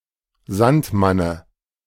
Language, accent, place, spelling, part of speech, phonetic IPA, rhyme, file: German, Germany, Berlin, Sandmanne, noun, [ˈzantˌmanə], -antmanə, De-Sandmanne.ogg
- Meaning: dative of Sandmann